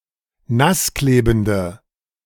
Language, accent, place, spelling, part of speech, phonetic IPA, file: German, Germany, Berlin, nassklebende, adjective, [ˈnasˌkleːbn̩də], De-nassklebende.ogg
- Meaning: inflection of nassklebend: 1. strong/mixed nominative/accusative feminine singular 2. strong nominative/accusative plural 3. weak nominative all-gender singular